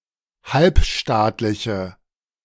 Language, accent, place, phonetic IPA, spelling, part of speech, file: German, Germany, Berlin, [ˈhalpˌʃtaːtlɪçə], halbstaatliche, adjective, De-halbstaatliche.ogg
- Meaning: inflection of halbstaatlich: 1. strong/mixed nominative/accusative feminine singular 2. strong nominative/accusative plural 3. weak nominative all-gender singular